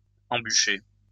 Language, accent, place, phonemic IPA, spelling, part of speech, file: French, France, Lyon, /ɑ̃.by.ʃe/, embucher, verb, LL-Q150 (fra)-embucher.wav
- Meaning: post-1990 spelling of embûcher